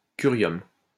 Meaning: curium
- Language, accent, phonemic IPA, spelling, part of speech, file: French, France, /ky.ʁjɔm/, curium, noun, LL-Q150 (fra)-curium.wav